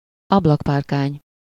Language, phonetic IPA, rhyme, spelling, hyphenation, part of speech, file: Hungarian, [ˈɒblɒkpaːrkaːɲ], -aːɲ, ablakpárkány, ab‧lak‧pár‧kány, noun, Hu-ablakpárkány.ogg
- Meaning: windowsill